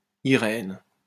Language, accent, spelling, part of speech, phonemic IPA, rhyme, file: French, France, Irène, proper noun, /i.ʁɛn/, -ɛn, LL-Q150 (fra)-Irène.wav
- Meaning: a female given name, equivalent to English Irene